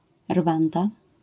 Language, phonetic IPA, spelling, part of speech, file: Polish, [ˈrvãnda], Rwanda, proper noun, LL-Q809 (pol)-Rwanda.wav